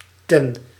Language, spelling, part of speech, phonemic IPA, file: Dutch, ten, contraction, /tɛn/, Nl-ten.ogg
- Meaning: to the, at the (followed by a masculine or neuter word)